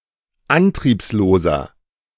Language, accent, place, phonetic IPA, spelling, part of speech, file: German, Germany, Berlin, [ˈantʁiːpsloːzɐ], antriebsloser, adjective, De-antriebsloser.ogg
- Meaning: 1. comparative degree of antriebslos 2. inflection of antriebslos: strong/mixed nominative masculine singular 3. inflection of antriebslos: strong genitive/dative feminine singular